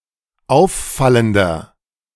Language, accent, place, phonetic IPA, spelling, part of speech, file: German, Germany, Berlin, [ˈaʊ̯fˌfaləndɐ], auffallender, adjective, De-auffallender.ogg
- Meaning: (adjective) 1. comparative degree of auffallend 2. inflection of auffallend: strong/mixed nominative masculine singular 3. inflection of auffallend: strong genitive/dative feminine singular